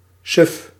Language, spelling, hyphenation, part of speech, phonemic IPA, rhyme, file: Dutch, suf, suf, adjective, /sʏf/, -ʏf, Nl-suf.ogg
- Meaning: 1. dull, lethargic, drowsy 2. silly